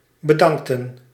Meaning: inflection of bedanken: 1. plural past indicative 2. plural past subjunctive
- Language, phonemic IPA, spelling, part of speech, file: Dutch, /bə.ˈdɑŋk.tə(n)/, bedankten, verb, Nl-bedankten.ogg